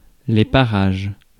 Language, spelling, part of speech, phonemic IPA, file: French, parages, noun, /pa.ʁaʒ/, Fr-parages.ogg
- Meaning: plural of parage